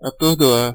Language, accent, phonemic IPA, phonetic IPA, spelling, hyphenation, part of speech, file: Portuguese, Brazil, /a.toʁ.doˈa(ʁ)/, [a.toɦ.doˈa(h)], atordoar, a‧tor‧do‧ar, verb, Pt-br-atordoar.ogg
- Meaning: 1. to stun, daze 2. to stupefy